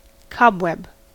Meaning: A spiderweb, especially a large one, an old abandoned one covered with debris and dust or an asymmetrical one woven with an irregular pattern of threads
- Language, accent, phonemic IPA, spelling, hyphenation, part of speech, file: English, US, /ˈkɒbwɛb/, cobweb, cob‧web, noun, En-us-cobweb.ogg